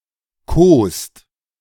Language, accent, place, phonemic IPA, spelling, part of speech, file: German, Germany, Berlin, /ˈkoːst/, kost, verb, De-kost.ogg
- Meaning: inflection of kosen: 1. third-person singular present 2. second-person plural present subjunctive 3. plural imperative